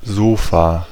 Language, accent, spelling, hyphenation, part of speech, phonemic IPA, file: German, Germany, Sofa, So‧fa, noun, /ˈzoːfa/, De-Sofa.ogg
- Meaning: sofa, couch (upholstered seat with a raised back that accommodates at least two people)